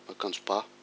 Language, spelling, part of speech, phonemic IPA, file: Malagasy, akanjo ba, noun, /akaⁿd͡zu bạ/, Mg-akanjo ba.ogg
- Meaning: knitted garment (especially a sweater)